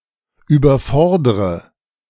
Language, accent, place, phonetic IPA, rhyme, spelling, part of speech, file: German, Germany, Berlin, [yːbɐˈfɔʁdʁə], -ɔʁdʁə, überfordre, verb, De-überfordre.ogg
- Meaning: inflection of überfordern: 1. first-person singular present 2. first/third-person singular subjunctive I 3. singular imperative